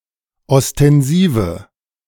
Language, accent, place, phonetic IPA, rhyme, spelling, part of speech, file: German, Germany, Berlin, [ɔstɛnˈziːvə], -iːvə, ostensive, adjective, De-ostensive.ogg
- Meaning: inflection of ostensiv: 1. strong/mixed nominative/accusative feminine singular 2. strong nominative/accusative plural 3. weak nominative all-gender singular